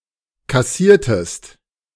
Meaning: inflection of kassieren: 1. second-person singular preterite 2. second-person singular subjunctive II
- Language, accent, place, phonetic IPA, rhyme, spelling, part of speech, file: German, Germany, Berlin, [kaˈsiːɐ̯təst], -iːɐ̯təst, kassiertest, verb, De-kassiertest.ogg